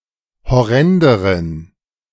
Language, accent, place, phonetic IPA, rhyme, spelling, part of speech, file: German, Germany, Berlin, [hɔˈʁɛndəʁən], -ɛndəʁən, horrenderen, adjective, De-horrenderen.ogg
- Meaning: inflection of horrend: 1. strong genitive masculine/neuter singular comparative degree 2. weak/mixed genitive/dative all-gender singular comparative degree